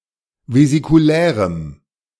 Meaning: strong dative masculine/neuter singular of vesikulär
- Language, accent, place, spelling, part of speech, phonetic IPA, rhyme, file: German, Germany, Berlin, vesikulärem, adjective, [vezikuˈlɛːʁəm], -ɛːʁəm, De-vesikulärem.ogg